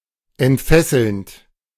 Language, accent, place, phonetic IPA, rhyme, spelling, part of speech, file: German, Germany, Berlin, [ɛntˈfɛsl̩nt], -ɛsl̩nt, entfesselnd, verb, De-entfesselnd.ogg
- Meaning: present participle of entfesseln